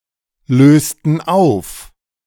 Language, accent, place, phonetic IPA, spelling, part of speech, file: German, Germany, Berlin, [ˌløːstn̩ ˈaʊ̯f], lösten auf, verb, De-lösten auf.ogg
- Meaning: inflection of auflösen: 1. first/third-person plural preterite 2. first/third-person plural subjunctive II